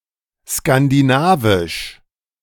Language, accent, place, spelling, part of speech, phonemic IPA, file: German, Germany, Berlin, skandinavisch, adjective, /skandiˈnaːviʃ/, De-skandinavisch.ogg
- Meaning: Scandinavian